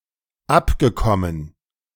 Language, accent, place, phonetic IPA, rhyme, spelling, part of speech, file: German, Germany, Berlin, [ˈapɡəˌkɔmən], -apɡəkɔmən, abgekommen, verb, De-abgekommen.ogg
- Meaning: past participle of abkommen